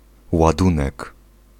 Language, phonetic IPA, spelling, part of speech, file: Polish, [waˈdũnɛk], ładunek, noun, Pl-ładunek.ogg